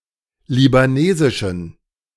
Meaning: inflection of libanesisch: 1. strong genitive masculine/neuter singular 2. weak/mixed genitive/dative all-gender singular 3. strong/weak/mixed accusative masculine singular 4. strong dative plural
- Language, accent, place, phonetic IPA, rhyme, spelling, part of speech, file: German, Germany, Berlin, [libaˈneːzɪʃn̩], -eːzɪʃn̩, libanesischen, adjective, De-libanesischen.ogg